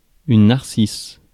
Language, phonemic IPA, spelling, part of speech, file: French, /naʁ.sis/, narcisse, noun, Fr-narcisse.ogg
- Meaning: narcissus (any of several bulbous flowering plants, of the genus Narcissus)